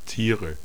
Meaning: 1. nominative/accusative/genitive plural of Tier 2. dative singular of Tier
- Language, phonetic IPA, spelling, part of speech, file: German, [ˈtiːʁə], Tiere, noun, De-Tiere.ogg